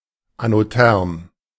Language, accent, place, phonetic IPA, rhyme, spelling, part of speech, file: German, Germany, Berlin, [anoˈtɛʁm], -ɛʁm, anotherm, adjective, De-anotherm.ogg
- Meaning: anothermal: having a decreasing temperature with increasing water depth